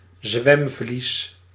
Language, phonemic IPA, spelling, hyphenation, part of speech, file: Dutch, /ˈzʋɛm.vlis/, zwemvlies, zwem‧vlies, noun, Nl-zwemvlies.ogg
- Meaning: 1. web, membrane of webbed feet in some animals 2. flipper, fin (swimming gear)